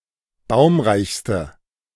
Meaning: inflection of baumreich: 1. strong/mixed nominative/accusative feminine singular superlative degree 2. strong nominative/accusative plural superlative degree
- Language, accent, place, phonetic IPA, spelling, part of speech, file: German, Germany, Berlin, [ˈbaʊ̯mʁaɪ̯çstə], baumreichste, adjective, De-baumreichste.ogg